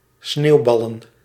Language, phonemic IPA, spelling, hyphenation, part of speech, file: Dutch, /ˈsneːu̯ˌbɑ.lə(n)/, sneeuwballen, sneeuw‧bal‧len, verb / noun, Nl-sneeuwballen.ogg
- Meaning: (verb) to throw snowballs; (noun) plural of sneeuwbal